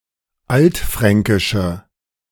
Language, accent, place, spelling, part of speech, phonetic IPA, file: German, Germany, Berlin, altfränkische, adjective, [ˈaltˌfʁɛŋkɪʃə], De-altfränkische.ogg
- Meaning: inflection of altfränkisch: 1. strong/mixed nominative/accusative feminine singular 2. strong nominative/accusative plural 3. weak nominative all-gender singular